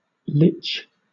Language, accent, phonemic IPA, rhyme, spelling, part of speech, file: English, Southern England, /lɪtʃ/, -ɪtʃ, lich, noun, LL-Q1860 (eng)-lich.wav
- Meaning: 1. A reanimated corpse or undead being; particularly an intelligent, undead spellcaster 2. A corpse or dead body